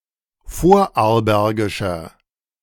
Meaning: 1. comparative degree of vorarlbergisch 2. inflection of vorarlbergisch: strong/mixed nominative masculine singular 3. inflection of vorarlbergisch: strong genitive/dative feminine singular
- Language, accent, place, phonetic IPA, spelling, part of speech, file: German, Germany, Berlin, [ˈfoːɐ̯ʔaʁlˌbɛʁɡɪʃɐ], vorarlbergischer, adjective, De-vorarlbergischer.ogg